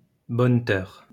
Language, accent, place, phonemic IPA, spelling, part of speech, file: French, France, Lyon, /bɔn.tœʁ/, bonneteur, noun, LL-Q150 (fra)-bonneteur.wav
- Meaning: three-card trickster